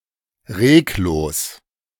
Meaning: without movement, motionless
- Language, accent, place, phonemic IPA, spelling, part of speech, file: German, Germany, Berlin, /ˈʁeːkˌloːs/, reglos, adjective, De-reglos.ogg